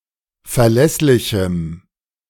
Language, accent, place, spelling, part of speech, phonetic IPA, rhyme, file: German, Germany, Berlin, verlässlichem, adjective, [fɛɐ̯ˈlɛslɪçm̩], -ɛslɪçm̩, De-verlässlichem.ogg
- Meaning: strong dative masculine/neuter singular of verlässlich